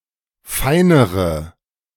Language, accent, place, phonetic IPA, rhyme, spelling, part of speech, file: German, Germany, Berlin, [ˈfaɪ̯nəʁə], -aɪ̯nəʁə, feinere, adjective, De-feinere.ogg
- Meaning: inflection of fein: 1. strong/mixed nominative/accusative feminine singular comparative degree 2. strong nominative/accusative plural comparative degree